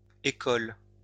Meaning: obsolete form of école
- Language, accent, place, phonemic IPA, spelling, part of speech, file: French, France, Lyon, /e.kɔl/, échole, noun, LL-Q150 (fra)-échole.wav